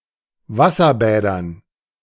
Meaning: dative plural of Wasserbad
- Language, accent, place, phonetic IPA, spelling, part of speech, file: German, Germany, Berlin, [ˈvasɐˌbɛːdɐn], Wasserbädern, noun, De-Wasserbädern.ogg